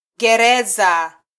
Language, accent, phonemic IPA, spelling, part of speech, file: Swahili, Kenya, /ɠɛˈɾɛ.zɑ/, gereza, noun, Sw-ke-gereza.flac
- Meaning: prison, jail